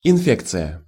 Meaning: infection
- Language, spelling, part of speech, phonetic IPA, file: Russian, инфекция, noun, [ɪnˈfʲekt͡sɨjə], Ru-инфекция.ogg